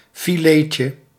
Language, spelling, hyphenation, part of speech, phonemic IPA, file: Dutch, filetje, fi‧let‧je, noun, /fiˈleːtjə/, Nl-filetje4.ogg
- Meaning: diminutive of filet (“fillet”)